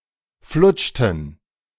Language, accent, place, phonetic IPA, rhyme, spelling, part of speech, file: German, Germany, Berlin, [ˈflʊt͡ʃtn̩], -ʊt͡ʃtn̩, flutschten, verb, De-flutschten.ogg
- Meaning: inflection of flutschen: 1. first/third-person plural preterite 2. first/third-person plural subjunctive II